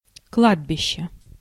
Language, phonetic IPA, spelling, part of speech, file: Russian, [ˈkɫadbʲɪɕːe], кладбище, noun, Ru-кладбище.ogg
- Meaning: cemetery, graveyard